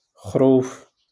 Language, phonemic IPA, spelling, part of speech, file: Moroccan Arabic, /xruːf/, خروف, noun, LL-Q56426 (ary)-خروف.wav
- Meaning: 1. sheep 2. lamb